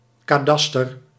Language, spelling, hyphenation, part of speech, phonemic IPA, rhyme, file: Dutch, kadaster, ka‧da‧ster, noun, /ˌkaːˈdɑs.tər/, -ɑstər, Nl-kadaster.ogg
- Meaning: cadastre